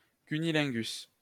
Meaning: cunnilingus
- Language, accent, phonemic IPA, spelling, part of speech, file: French, France, /ky.ni.lɛ̃.ɡys/, cunnilingus, noun, LL-Q150 (fra)-cunnilingus.wav